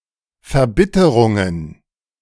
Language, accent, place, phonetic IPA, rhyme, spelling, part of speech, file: German, Germany, Berlin, [fɛɐ̯ˈbɪtəʁʊŋən], -ɪtəʁʊŋən, Verbitterungen, noun, De-Verbitterungen.ogg
- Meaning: plural of Verbitterung